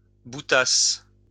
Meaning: first-person singular imperfect subjunctive of bouter
- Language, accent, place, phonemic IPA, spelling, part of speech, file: French, France, Lyon, /bu.tas/, boutasse, verb, LL-Q150 (fra)-boutasse.wav